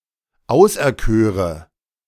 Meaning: first/third-person singular subjunctive II of auserkiesen
- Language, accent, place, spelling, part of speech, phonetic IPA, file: German, Germany, Berlin, auserköre, verb, [ˈaʊ̯sʔɛɐ̯ˌkøːʁə], De-auserköre.ogg